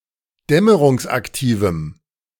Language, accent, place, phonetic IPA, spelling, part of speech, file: German, Germany, Berlin, [ˈdɛməʁʊŋsʔakˌtiːvm̩], dämmerungsaktivem, adjective, De-dämmerungsaktivem.ogg
- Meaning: strong dative masculine/neuter singular of dämmerungsaktiv